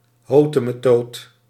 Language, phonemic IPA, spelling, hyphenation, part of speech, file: Dutch, /ˈɦoː.tə.məˌtoːt/, hotemetoot, ho‧te‧me‧toot, noun, Nl-hotemetoot.ogg
- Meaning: bigwig, poobah